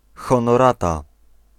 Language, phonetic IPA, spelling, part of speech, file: Polish, [ˌxɔ̃nɔˈrata], Honorata, proper noun / noun, Pl-Honorata.ogg